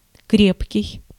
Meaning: 1. strong, firm, solid 2. robust, sound, sturdy, vigorous 3. potent
- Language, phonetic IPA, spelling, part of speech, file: Russian, [ˈkrʲepkʲɪj], крепкий, adjective, Ru-крепкий.ogg